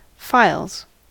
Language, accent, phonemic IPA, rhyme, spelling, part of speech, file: English, US, /faɪlz/, -aɪlz, files, noun / verb, En-us-files.ogg
- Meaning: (noun) plural of file; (verb) third-person singular simple present indicative of file